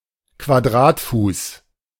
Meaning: square foot
- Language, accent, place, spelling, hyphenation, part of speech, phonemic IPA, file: German, Germany, Berlin, Quadratfuß, Qua‧d‧rat‧fuß, noun, /kvaˈdʁaːtˌfuːs/, De-Quadratfuß.ogg